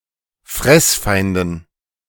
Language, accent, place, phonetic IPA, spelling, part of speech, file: German, Germany, Berlin, [ˈfʁɛsˌfaɪ̯ndn̩], Fressfeinden, noun, De-Fressfeinden.ogg
- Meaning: dative plural of Fressfeind